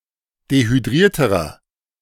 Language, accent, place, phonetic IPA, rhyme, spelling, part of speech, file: German, Germany, Berlin, [dehyˈdʁiːɐ̯təʁɐ], -iːɐ̯təʁɐ, dehydrierterer, adjective, De-dehydrierterer.ogg
- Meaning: inflection of dehydriert: 1. strong/mixed nominative masculine singular comparative degree 2. strong genitive/dative feminine singular comparative degree 3. strong genitive plural comparative degree